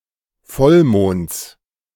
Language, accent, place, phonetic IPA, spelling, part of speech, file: German, Germany, Berlin, [ˈfɔlˌmoːnt͡s], Vollmonds, noun, De-Vollmonds.ogg
- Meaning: genitive singular of Vollmond